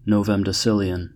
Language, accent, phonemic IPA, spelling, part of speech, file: English, US, /ˌnoʊvəmdəˈsɪl.i.ən/, novemdecillion, numeral, En-us-novemdecillion.ogg
- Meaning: 1. 10⁶⁰ 2. 10¹¹⁴ 3. A very large but unspecified number (of)